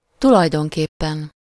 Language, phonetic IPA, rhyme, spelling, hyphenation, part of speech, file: Hungarian, [ˈtulɒjdoŋkeːpːɛn], -ɛn, tulajdonképpen, tu‧laj‧don‧kép‧pen, adverb, Hu-tulajdonképpen.ogg
- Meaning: in fact, actually, practically